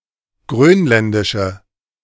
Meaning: inflection of grönländisch: 1. strong/mixed nominative/accusative feminine singular 2. strong nominative/accusative plural 3. weak nominative all-gender singular
- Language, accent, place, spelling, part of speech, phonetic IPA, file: German, Germany, Berlin, grönländische, adjective, [ˈɡʁøːnˌlɛndɪʃə], De-grönländische.ogg